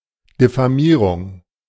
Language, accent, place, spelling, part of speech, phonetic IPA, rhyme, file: German, Germany, Berlin, Diffamierung, noun, [dɪfaˈmiːʁʊŋ], -iːʁʊŋ, De-Diffamierung.ogg
- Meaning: defamation